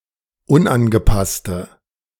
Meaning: inflection of unangepasst: 1. strong/mixed nominative/accusative feminine singular 2. strong nominative/accusative plural 3. weak nominative all-gender singular
- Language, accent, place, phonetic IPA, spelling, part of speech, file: German, Germany, Berlin, [ˈʊnʔanɡəˌpastə], unangepasste, adjective, De-unangepasste.ogg